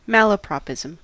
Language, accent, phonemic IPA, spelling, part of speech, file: English, US, /ˈmæləpɹɑpˌɪzəm/, malapropism, noun, En-us-malapropism.ogg
- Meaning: 1. The blundering use of an absurdly inappropriate word or expression in place of a similar-sounding one 2. An instance of such use